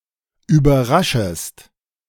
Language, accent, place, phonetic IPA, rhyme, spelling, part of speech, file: German, Germany, Berlin, [yːbɐˈʁaʃəst], -aʃəst, überraschest, verb, De-überraschest.ogg
- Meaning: second-person singular subjunctive I of überraschen